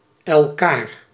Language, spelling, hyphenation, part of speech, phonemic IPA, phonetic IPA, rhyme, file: Dutch, elkaar, el‧kaar, pronoun, /ɛlˈkaːr/, [ɛɤ̯ˈkaːɻ], -aːr, Nl-elkaar.ogg
- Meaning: each other, one another